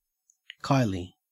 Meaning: A boomerang
- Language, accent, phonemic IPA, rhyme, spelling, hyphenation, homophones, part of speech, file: English, Australia, /ˈkaɪ.li/, -aɪli, kylie, ky‧lie, kiley / kyley / Kylie, noun, En-au-kylie.ogg